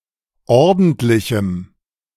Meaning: strong dative masculine/neuter singular of ordentlich
- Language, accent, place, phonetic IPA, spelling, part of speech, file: German, Germany, Berlin, [ˈɔʁdn̩tlɪçm̩], ordentlichem, adjective, De-ordentlichem.ogg